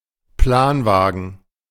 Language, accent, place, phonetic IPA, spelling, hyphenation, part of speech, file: German, Germany, Berlin, [ˈplaːnˌvaːɡn̩], Planwagen, Plan‧wa‧gen, noun, De-Planwagen.ogg
- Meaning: covered wagon